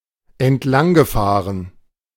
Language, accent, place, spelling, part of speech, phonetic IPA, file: German, Germany, Berlin, entlanggefahren, verb, [ɛntˈlaŋɡəˌfaːʁən], De-entlanggefahren.ogg
- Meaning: past participle of entlangfahren